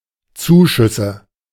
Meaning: nominative/accusative/genitive plural of Zuschuss
- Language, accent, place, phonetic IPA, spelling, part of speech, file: German, Germany, Berlin, [ˈt͡suːˌʃʏsə], Zuschüsse, noun, De-Zuschüsse.ogg